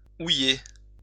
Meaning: to add wine to a barrel to replace evaporated wine
- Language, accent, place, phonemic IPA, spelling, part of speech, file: French, France, Lyon, /u.je/, ouiller, verb, LL-Q150 (fra)-ouiller.wav